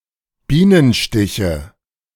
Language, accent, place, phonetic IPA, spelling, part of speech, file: German, Germany, Berlin, [ˈbiːnənˌʃtɪçə], Bienenstiche, noun, De-Bienenstiche.ogg
- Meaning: nominative/accusative/genitive plural of Bienenstich